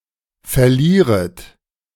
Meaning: second-person plural subjunctive I of verlieren
- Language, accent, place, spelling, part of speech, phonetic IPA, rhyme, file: German, Germany, Berlin, verlieret, verb, [fɛɐ̯ˈliːʁət], -iːʁət, De-verlieret.ogg